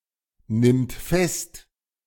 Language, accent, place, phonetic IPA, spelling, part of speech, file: German, Germany, Berlin, [ˌnɪmt ˈfɛst], nimmt fest, verb, De-nimmt fest.ogg
- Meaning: third-person singular present of festnehmen